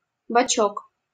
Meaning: diminutive of бок (bok) flank; side
- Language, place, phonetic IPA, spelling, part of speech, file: Russian, Saint Petersburg, [bɐˈt͡ɕɵk], бочок, noun, LL-Q7737 (rus)-бочок.wav